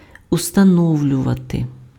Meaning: 1. to establish, to determine, to fix, to set 2. to establish, to ascertain 3. to install, to mount, to set up
- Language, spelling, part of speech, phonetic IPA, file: Ukrainian, установлювати, verb, [ʊstɐˈnɔu̯lʲʊʋɐte], Uk-установлювати.ogg